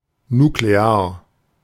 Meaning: nuclear
- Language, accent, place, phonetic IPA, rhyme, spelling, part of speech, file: German, Germany, Berlin, [nukleˈaːɐ̯], -aːɐ̯, nuklear, adjective, De-nuklear.ogg